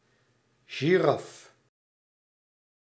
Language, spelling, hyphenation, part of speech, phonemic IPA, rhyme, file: Dutch, giraffe, gi‧raf‧fe, noun, /ʒiˈrɑf/, -ɑf, Nl-giraffe.ogg
- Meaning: alternative spelling of giraf